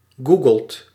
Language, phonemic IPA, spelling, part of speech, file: Dutch, /ˈɡu.ɡəlt/, googelt, verb, Nl-googelt.ogg
- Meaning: inflection of googelen: 1. second/third-person singular present indicative 2. plural imperative